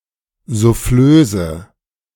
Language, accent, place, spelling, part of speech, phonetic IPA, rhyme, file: German, Germany, Berlin, Souffleuse, noun, [zuˈfløːzə], -øːzə, De-Souffleuse.ogg
- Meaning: female equivalent of Souffleur